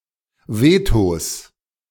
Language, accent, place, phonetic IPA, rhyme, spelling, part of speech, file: German, Germany, Berlin, [ˈveːtos], -eːtos, Vetos, noun, De-Vetos.ogg
- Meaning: plural of Veto